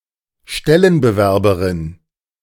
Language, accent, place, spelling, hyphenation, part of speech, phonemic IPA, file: German, Germany, Berlin, Stellenbewerberinnen, Stel‧len‧be‧wer‧be‧rin‧nen, noun, /ˈʃtɛlənbəˌvɛʁbəʁɪnən/, De-Stellenbewerberinnen.ogg
- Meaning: plural of Stellenbewerberin